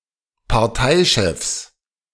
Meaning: plural of Parteichef
- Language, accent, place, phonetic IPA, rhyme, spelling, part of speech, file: German, Germany, Berlin, [paʁˈtaɪ̯ˌʃɛfs], -aɪ̯ʃɛfs, Parteichefs, noun, De-Parteichefs.ogg